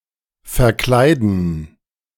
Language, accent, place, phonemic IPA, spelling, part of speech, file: German, Germany, Berlin, /fɛʁˈklaɪ̯dn̩/, verkleiden, verb, De-verkleiden.ogg
- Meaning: 1. to dress up, to disguise 2. to cover, to panel